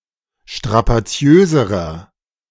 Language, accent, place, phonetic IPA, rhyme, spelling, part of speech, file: German, Germany, Berlin, [ʃtʁapaˈt͡si̯øːzəʁɐ], -øːzəʁɐ, strapaziöserer, adjective, De-strapaziöserer.ogg
- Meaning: inflection of strapaziös: 1. strong/mixed nominative masculine singular comparative degree 2. strong genitive/dative feminine singular comparative degree 3. strong genitive plural comparative degree